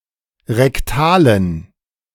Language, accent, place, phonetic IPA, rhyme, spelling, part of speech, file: German, Germany, Berlin, [ʁɛkˈtaːlən], -aːlən, rektalen, adjective, De-rektalen.ogg
- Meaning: inflection of rektal: 1. strong genitive masculine/neuter singular 2. weak/mixed genitive/dative all-gender singular 3. strong/weak/mixed accusative masculine singular 4. strong dative plural